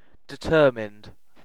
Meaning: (adjective) Decided; resolute, possessing much determination; dogged; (verb) simple past and past participle of determine
- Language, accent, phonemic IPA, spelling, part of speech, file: English, UK, /dɪˈtɜːmɪnd/, determined, adjective / verb, En-uk-determined.ogg